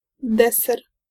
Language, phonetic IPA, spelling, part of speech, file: Polish, [ˈdɛsɛr], deser, noun, Pl-deser.ogg